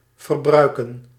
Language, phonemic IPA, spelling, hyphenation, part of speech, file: Dutch, /vərˈbrœy̯.kə(n)/, verbruiken, ver‧brui‧ken, verb, Nl-verbruiken.ogg
- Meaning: to consume, use up